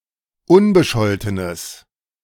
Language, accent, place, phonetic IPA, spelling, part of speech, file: German, Germany, Berlin, [ˈʊnbəˌʃɔltənəs], unbescholtenes, adjective, De-unbescholtenes.ogg
- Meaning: strong/mixed nominative/accusative neuter singular of unbescholten